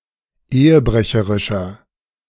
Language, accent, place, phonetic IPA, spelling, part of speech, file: German, Germany, Berlin, [ˈeːəˌbʁɛçəʁɪʃɐ], ehebrecherischer, adjective, De-ehebrecherischer.ogg
- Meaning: 1. comparative degree of ehebrecherisch 2. inflection of ehebrecherisch: strong/mixed nominative masculine singular 3. inflection of ehebrecherisch: strong genitive/dative feminine singular